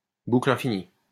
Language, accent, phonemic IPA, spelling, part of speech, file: French, France, /bu.kl‿ɛ̃.fi.ni/, boucle infinie, noun, LL-Q150 (fra)-boucle infinie.wav
- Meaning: infinite loop